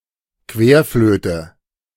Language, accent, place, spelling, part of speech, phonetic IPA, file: German, Germany, Berlin, Querflöte, noun, [ˈkveːɐ̯ˌfløːtə], De-Querflöte.ogg
- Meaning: transverse flute, Western concert flute, C flute